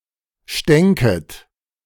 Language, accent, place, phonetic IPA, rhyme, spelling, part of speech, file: German, Germany, Berlin, [ˈʃtɛŋkət], -ɛŋkət, stänket, verb, De-stänket.ogg
- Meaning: second-person plural subjunctive II of stinken